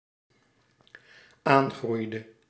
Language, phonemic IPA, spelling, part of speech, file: Dutch, /ˈaŋɣrʏjdə/, aangroeide, verb, Nl-aangroeide.ogg
- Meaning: inflection of aangroeien: 1. singular dependent-clause past indicative 2. singular dependent-clause past subjunctive